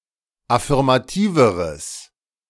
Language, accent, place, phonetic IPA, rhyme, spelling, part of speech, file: German, Germany, Berlin, [afɪʁmaˈtiːvəʁəs], -iːvəʁəs, affirmativeres, adjective, De-affirmativeres.ogg
- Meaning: strong/mixed nominative/accusative neuter singular comparative degree of affirmativ